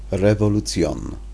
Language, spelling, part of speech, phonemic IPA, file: Interlingua, revolution, noun, /revoluˈt͡sjon/, Ia-revolution.ogg
- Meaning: revolution